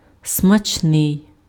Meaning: tasty, delicious (tasting good)
- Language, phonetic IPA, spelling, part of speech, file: Ukrainian, [smɐt͡ʃˈnɪi̯], смачний, adjective, Uk-смачний.ogg